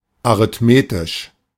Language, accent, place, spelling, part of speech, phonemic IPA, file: German, Germany, Berlin, arithmetisch, adjective / adverb, /arɪtmetɪʃ/, De-arithmetisch.ogg
- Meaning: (adjective) arithmetic, arithmetical; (adverb) arithmetically